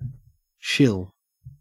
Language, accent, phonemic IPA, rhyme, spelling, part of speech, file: English, Australia, /ʃɪl/, -ɪl, shill, noun / verb, En-au-shill.ogg
- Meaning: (noun) 1. A person paid to endorse a product while pretending to be impartial 2. Any person enthusiastically endorsing a product; especially, one who is getting paid for the endorsement